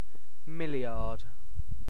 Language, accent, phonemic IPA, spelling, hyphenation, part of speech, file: English, UK, /ˈmɪlɪɑːd/, milliard, mil‧liard, numeral, En-uk-milliard.ogg
- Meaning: 10⁹, a thousand (times a) million. (Now generally replaced by the short scale billion.)